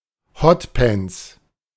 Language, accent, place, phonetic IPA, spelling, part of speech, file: German, Germany, Berlin, [ˈhɔtˌpɛnt͡s], Hot Pants, noun, De-Hot Pants.ogg
- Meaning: alternative spelling of Hotpants